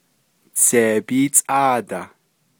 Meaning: eighteen
- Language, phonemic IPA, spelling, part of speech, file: Navajo, /t͡sʰèːpíːt͡sʼɑ̂ːtɑ̀h/, tseebíítsʼáadah, numeral, Nv-tseebíítsʼáadah.ogg